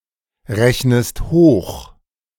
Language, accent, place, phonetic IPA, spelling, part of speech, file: German, Germany, Berlin, [ˌʁɛçnəst ˈhoːx], rechnest hoch, verb, De-rechnest hoch.ogg
- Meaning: inflection of hochrechnen: 1. second-person singular present 2. second-person singular subjunctive I